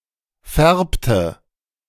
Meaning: inflection of färben: 1. first/third-person singular preterite 2. first/third-person singular subjunctive II
- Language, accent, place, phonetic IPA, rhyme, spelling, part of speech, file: German, Germany, Berlin, [ˈfɛʁptə], -ɛʁptə, färbte, verb, De-färbte.ogg